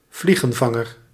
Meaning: 1. a flycatcher, muscicapid; a bird of the family Muscicapidae 2. Venus flytrap (Dionaea muscipula)
- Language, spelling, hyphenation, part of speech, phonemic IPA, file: Dutch, vliegenvanger, vlie‧gen‧van‧ger, noun, /ˈvli.ɣə(n)ˌvɑ.ŋər/, Nl-vliegenvanger.ogg